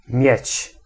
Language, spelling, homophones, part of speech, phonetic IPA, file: Polish, mieć, miedź, verb, [mʲjɛ̇t͡ɕ], Pl-mieć.ogg